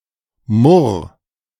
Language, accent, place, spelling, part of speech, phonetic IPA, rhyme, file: German, Germany, Berlin, murr, verb, [mʊʁ], -ʊʁ, De-murr.ogg
- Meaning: 1. singular imperative of murren 2. first-person singular present of murren